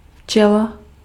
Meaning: bee
- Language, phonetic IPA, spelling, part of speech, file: Czech, [ˈft͡ʃɛla], včela, noun, Cs-včela.ogg